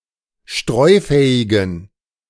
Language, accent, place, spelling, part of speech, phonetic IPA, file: German, Germany, Berlin, streufähigen, adjective, [ˈʃtʁɔɪ̯ˌfɛːɪɡn̩], De-streufähigen.ogg
- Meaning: inflection of streufähig: 1. strong genitive masculine/neuter singular 2. weak/mixed genitive/dative all-gender singular 3. strong/weak/mixed accusative masculine singular 4. strong dative plural